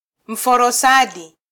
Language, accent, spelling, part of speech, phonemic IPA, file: Swahili, Kenya, mforosadi, noun, /m̩.fɔ.ɾɔˈsɑ.ɗi/, Sw-ke-mforosadi.flac
- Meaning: mulberry tree